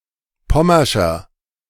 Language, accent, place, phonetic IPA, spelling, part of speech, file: German, Germany, Berlin, [ˈpɔmɐʃɐ], pommerscher, adjective, De-pommerscher.ogg
- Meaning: inflection of pommersch: 1. strong/mixed nominative masculine singular 2. strong genitive/dative feminine singular 3. strong genitive plural